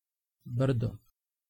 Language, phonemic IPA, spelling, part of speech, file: Serbo-Croatian, /br̩̂do/, brdo, noun, Sr-Brdo.ogg
- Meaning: hill